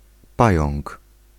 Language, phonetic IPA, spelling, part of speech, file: Polish, [ˈpajɔ̃ŋk], pająk, noun, Pl-pająk.ogg